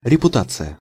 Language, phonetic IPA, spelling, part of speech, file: Russian, [rʲɪpʊˈtat͡sɨjə], репутация, noun, Ru-репутация.ogg
- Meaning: reputation, image, fame (what someone is known for)